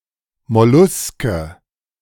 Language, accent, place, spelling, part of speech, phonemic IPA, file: German, Germany, Berlin, Molluske, noun, /mɔˈluskə/, De-Molluske.ogg
- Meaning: mollusc